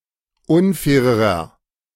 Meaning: inflection of unfair: 1. strong/mixed nominative masculine singular comparative degree 2. strong genitive/dative feminine singular comparative degree 3. strong genitive plural comparative degree
- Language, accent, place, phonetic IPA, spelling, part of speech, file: German, Germany, Berlin, [ˈʊnˌfɛːʁəʁɐ], unfairerer, adjective, De-unfairerer.ogg